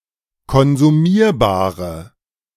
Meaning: inflection of konsumierbar: 1. strong/mixed nominative/accusative feminine singular 2. strong nominative/accusative plural 3. weak nominative all-gender singular
- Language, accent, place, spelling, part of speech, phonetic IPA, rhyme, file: German, Germany, Berlin, konsumierbare, adjective, [kɔnzuˈmiːɐ̯baːʁə], -iːɐ̯baːʁə, De-konsumierbare.ogg